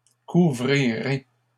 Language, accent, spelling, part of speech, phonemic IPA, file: French, Canada, couvrirez, verb, /ku.vʁi.ʁe/, LL-Q150 (fra)-couvrirez.wav
- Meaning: second-person plural future of couvrir